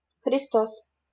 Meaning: 1. the Messiah, the anointed one 2. a righteous man as the embodiment of Christ
- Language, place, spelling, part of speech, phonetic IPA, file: Russian, Saint Petersburg, христос, noun, [xrʲɪˈstos], LL-Q7737 (rus)-христос.wav